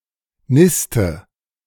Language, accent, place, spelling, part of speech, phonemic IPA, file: German, Germany, Berlin, niste, verb, /ˈnɪstə/, De-niste.ogg
- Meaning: inflection of nisten: 1. first-person singular present 2. first/third-person singular subjunctive I 3. singular imperative